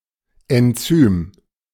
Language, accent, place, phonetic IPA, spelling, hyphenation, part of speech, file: German, Germany, Berlin, [ɛnˈt͡syːm], Enzym, En‧zym, noun, De-Enzym.ogg
- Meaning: enzyme